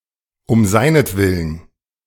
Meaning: for your sake (formal)
- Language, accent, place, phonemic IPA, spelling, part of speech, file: German, Germany, Berlin, /ʊm ˈzaɪ̯nətˌvɪlən/, um seinetwillen, adverb, De-um seinetwillen.ogg